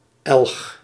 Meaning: Othée, a village in Belgium
- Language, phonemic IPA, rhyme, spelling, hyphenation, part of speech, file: Dutch, /ɛlx/, -ɛlx, Elch, Elch, proper noun, Nl-Elch.ogg